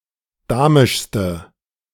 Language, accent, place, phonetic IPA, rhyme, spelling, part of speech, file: German, Germany, Berlin, [ˈdaːmɪʃstə], -aːmɪʃstə, damischste, adjective, De-damischste.ogg
- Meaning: inflection of damisch: 1. strong/mixed nominative/accusative feminine singular superlative degree 2. strong nominative/accusative plural superlative degree